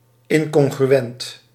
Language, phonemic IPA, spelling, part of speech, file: Dutch, /ˈɪŋkɔŋɣrywɛnt/, incongruent, adjective, Nl-incongruent.ogg
- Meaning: incongruent, incompatible, not in agreement